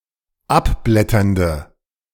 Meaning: inflection of abblätternd: 1. strong/mixed nominative/accusative feminine singular 2. strong nominative/accusative plural 3. weak nominative all-gender singular
- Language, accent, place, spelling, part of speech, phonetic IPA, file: German, Germany, Berlin, abblätternde, adjective, [ˈapˌblɛtɐndə], De-abblätternde.ogg